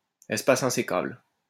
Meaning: non-breaking space
- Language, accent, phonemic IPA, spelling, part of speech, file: French, France, /ɛs.pa.s‿ɛ̃.se.kabl/, espace insécable, noun, LL-Q150 (fra)-espace insécable.wav